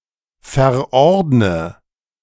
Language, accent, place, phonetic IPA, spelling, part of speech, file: German, Germany, Berlin, [fɛɐ̯ˈʔɔʁdnə], verordne, verb, De-verordne.ogg
- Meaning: inflection of verordnen: 1. first-person singular present 2. first/third-person singular subjunctive I 3. singular imperative